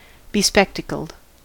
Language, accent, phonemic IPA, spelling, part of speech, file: English, US, /bɪˈspɛktəkəld/, bespectacled, adjective, En-us-bespectacled.ogg
- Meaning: Wearing spectacles (glasses)